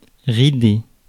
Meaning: 1. to wrinkle 2. to ripple
- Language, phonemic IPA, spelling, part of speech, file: French, /ʁi.de/, rider, verb, Fr-rider.ogg